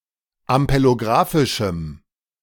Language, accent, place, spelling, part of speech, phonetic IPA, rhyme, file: German, Germany, Berlin, ampelographischem, adjective, [ampeloˈɡʁaːfɪʃm̩], -aːfɪʃm̩, De-ampelographischem.ogg
- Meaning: strong dative masculine/neuter singular of ampelographisch